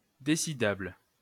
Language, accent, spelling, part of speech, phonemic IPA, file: French, France, décidable, adjective, /de.si.dabl/, LL-Q150 (fra)-décidable.wav
- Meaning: decidable